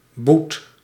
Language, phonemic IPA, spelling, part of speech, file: Dutch, /but/, boet, verb, Nl-boet.ogg
- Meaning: inflection of boeten: 1. first/second/third-person singular present indicative 2. imperative